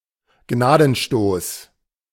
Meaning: coup de grâce
- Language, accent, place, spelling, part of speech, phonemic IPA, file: German, Germany, Berlin, Gnadenstoß, noun, /ˈɡnaːdənˌʃtoːs/, De-Gnadenstoß.ogg